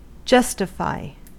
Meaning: 1. To provide an acceptable explanation for 2. To be a good reason behind a normally-unacceptable action; to warrant
- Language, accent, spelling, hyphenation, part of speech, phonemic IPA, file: English, US, justify, jus‧ti‧fy, verb, /ˈd͡ʒʌstɪfaɪ/, En-us-justify.ogg